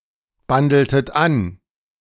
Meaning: inflection of anbandeln: 1. second-person plural preterite 2. second-person plural subjunctive II
- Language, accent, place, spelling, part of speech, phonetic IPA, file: German, Germany, Berlin, bandeltet an, verb, [ˌbandl̩tət ˈan], De-bandeltet an.ogg